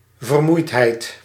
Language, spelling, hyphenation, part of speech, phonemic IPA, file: Dutch, vermoeidheid, ver‧moeid‧heid, noun, /vərˈmui̯t.ɦɛi̯t/, Nl-vermoeidheid.ogg
- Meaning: tiredness, weariness